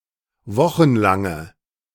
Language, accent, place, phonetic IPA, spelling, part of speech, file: German, Germany, Berlin, [ˈvɔxn̩ˌlaŋə], wochenlange, adjective, De-wochenlange.ogg
- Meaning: inflection of wochenlang: 1. strong/mixed nominative/accusative feminine singular 2. strong nominative/accusative plural 3. weak nominative all-gender singular